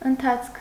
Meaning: movement, course, development
- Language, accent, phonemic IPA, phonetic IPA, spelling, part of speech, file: Armenian, Eastern Armenian, /ənˈtʰɑt͡sʰkʰ/, [əntʰɑ́t͡sʰkʰ], ընթացք, noun, Hy-ընթացք.ogg